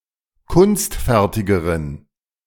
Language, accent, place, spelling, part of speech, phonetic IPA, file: German, Germany, Berlin, kunstfertigeren, adjective, [ˈkʊnstˌfɛʁtɪɡəʁən], De-kunstfertigeren.ogg
- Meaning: inflection of kunstfertig: 1. strong genitive masculine/neuter singular comparative degree 2. weak/mixed genitive/dative all-gender singular comparative degree